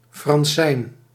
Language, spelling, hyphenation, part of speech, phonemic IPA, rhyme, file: Dutch, fransijn, fran‧sijn, noun, /frɑnˈsɛi̯n/, -ɛi̯n, Nl-fransijn.ogg
- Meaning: (French) parchment